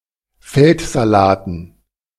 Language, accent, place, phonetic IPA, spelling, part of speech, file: German, Germany, Berlin, [ˈfɛltzaˌlaːtn̩], Feldsalaten, noun, De-Feldsalaten.ogg
- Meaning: dative plural of Feldsalat